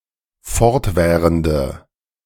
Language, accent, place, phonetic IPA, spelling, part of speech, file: German, Germany, Berlin, [ˈfɔʁtˌvɛːʁəndə], fortwährende, adjective, De-fortwährende.ogg
- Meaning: inflection of fortwährend: 1. strong/mixed nominative/accusative feminine singular 2. strong nominative/accusative plural 3. weak nominative all-gender singular